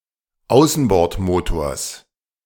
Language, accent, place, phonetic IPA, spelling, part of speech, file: German, Germany, Berlin, [ˈaʊ̯sn̩bɔʁtˌmoːtoːɐ̯s], Außenbordmotors, noun, De-Außenbordmotors.ogg
- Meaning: genitive singular of Außenbordmotor